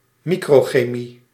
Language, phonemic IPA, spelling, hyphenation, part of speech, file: Dutch, /ˈmi.kroː.xeːˌmi/, microchemie, mi‧cro‧che‧mie, noun, Nl-microchemie.ogg
- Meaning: microchemistry